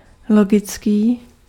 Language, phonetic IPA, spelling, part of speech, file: Czech, [ˈloɡɪt͡skɪ], logicky, adverb, Cs-logicky.ogg
- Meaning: logically